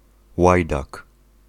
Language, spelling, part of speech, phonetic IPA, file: Polish, łajdak, noun, [ˈwajdak], Pl-łajdak.ogg